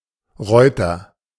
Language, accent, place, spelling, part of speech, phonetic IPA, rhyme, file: German, Germany, Berlin, Reuter, noun / proper noun, [ˈʁɔɪ̯tɐ], -ɔɪ̯tɐ, De-Reuter.ogg
- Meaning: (noun) cavalryman; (proper noun) a surname